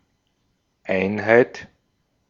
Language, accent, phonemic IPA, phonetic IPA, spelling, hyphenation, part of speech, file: German, Austria, /ˈaɪ̯nhaɪ̯t/, [ˈʔaɪ̯nhaɪ̯t], Einheit, Ein‧heit, noun, De-at-Einheit.ogg